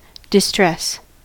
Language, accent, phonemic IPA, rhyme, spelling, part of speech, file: English, US, /dɪˈstɹɛs/, -ɛs, distress, noun / verb, En-us-distress.ogg
- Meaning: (noun) 1. Physical or emotional discomfort, suffering, or alarm, particularly of a more acute nature 2. A cause of such discomfort 3. Serious danger